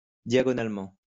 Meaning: diagonally
- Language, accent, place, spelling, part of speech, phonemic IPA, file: French, France, Lyon, diagonalement, adverb, /dja.ɡɔ.nal.mɑ̃/, LL-Q150 (fra)-diagonalement.wav